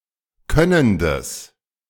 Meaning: strong/mixed nominative/accusative neuter singular of könnend
- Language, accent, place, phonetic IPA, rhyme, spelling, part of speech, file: German, Germany, Berlin, [ˈkœnəndəs], -œnəndəs, könnendes, adjective, De-könnendes.ogg